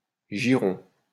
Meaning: fine, attractive (especially of a woman)
- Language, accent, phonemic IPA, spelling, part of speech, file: French, France, /ʒi.ʁɔ̃/, girond, adjective, LL-Q150 (fra)-girond.wav